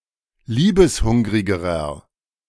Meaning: inflection of liebeshungrig: 1. strong/mixed nominative masculine singular comparative degree 2. strong genitive/dative feminine singular comparative degree
- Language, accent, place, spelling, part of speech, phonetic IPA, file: German, Germany, Berlin, liebeshungrigerer, adjective, [ˈliːbəsˌhʊŋʁɪɡəʁɐ], De-liebeshungrigerer.ogg